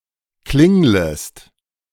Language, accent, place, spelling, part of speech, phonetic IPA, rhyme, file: German, Germany, Berlin, klinglest, verb, [ˈklɪŋləst], -ɪŋləst, De-klinglest.ogg
- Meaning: second-person singular subjunctive I of klingeln